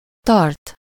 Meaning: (verb) To force someone or something to remain in place or in position by counteracting another force.: to hold, keep (with locative suffixes or lative suffixes)
- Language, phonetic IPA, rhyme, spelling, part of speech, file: Hungarian, [ˈtɒrt], -ɒrt, tart, verb / adjective, Hu-tart.ogg